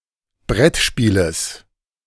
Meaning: genitive singular of Brettspiel
- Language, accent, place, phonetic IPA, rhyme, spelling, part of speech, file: German, Germany, Berlin, [ˈbʁɛtˌʃpiːləs], -ɛtʃpiːləs, Brettspieles, noun, De-Brettspieles.ogg